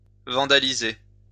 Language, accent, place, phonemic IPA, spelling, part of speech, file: French, France, Lyon, /vɑ̃.da.li.ze/, vandaliser, verb, LL-Q150 (fra)-vandaliser.wav
- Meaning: to vandalise, to vandalize